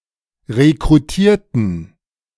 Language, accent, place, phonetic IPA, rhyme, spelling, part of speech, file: German, Germany, Berlin, [ʁekʁuˈtiːɐ̯tn̩], -iːɐ̯tn̩, rekrutierten, adjective / verb, De-rekrutierten.ogg
- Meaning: inflection of rekrutieren: 1. first/third-person plural preterite 2. first/third-person plural subjunctive II